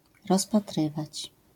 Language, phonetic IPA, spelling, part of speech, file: Polish, [ˌrɔspaˈtrɨvat͡ɕ], rozpatrywać, verb, LL-Q809 (pol)-rozpatrywać.wav